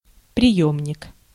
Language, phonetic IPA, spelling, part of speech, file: Russian, [prʲɪˈjɵmnʲɪk], приёмник, noun, Ru-приёмник.ogg
- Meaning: 1. receiver, receiving set 2. transducer 3. detector (radiation) 4. collector, receptacle, reservoir 5. container, vessel, flask, tank 6. pitot tube 7. ammunition feeder